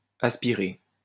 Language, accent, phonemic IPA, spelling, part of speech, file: French, France, /as.pi.ʁe/, aspiré, adjective / verb, LL-Q150 (fra)-aspiré.wav
- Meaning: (adjective) aspirated; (verb) past participle of aspirer